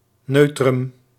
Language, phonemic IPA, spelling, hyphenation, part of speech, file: Dutch, /ˈnœy̯.trʏm/, neutrum, neu‧trum, noun, Nl-neutrum.ogg
- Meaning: 1. neuter gender 2. a word (esp. a noun) in the neuter gender